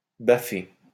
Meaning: to hit (on the face)
- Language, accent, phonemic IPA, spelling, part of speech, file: French, France, /ba.fe/, baffer, verb, LL-Q150 (fra)-baffer.wav